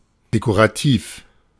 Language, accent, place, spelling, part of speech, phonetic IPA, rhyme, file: German, Germany, Berlin, dekorativ, adjective, [dekoʁaˈtiːf], -iːf, De-dekorativ.ogg
- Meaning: decorative, ornamental